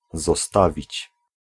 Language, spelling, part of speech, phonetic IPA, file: Polish, zostawić, verb, [zɔˈstavʲit͡ɕ], Pl-zostawić.ogg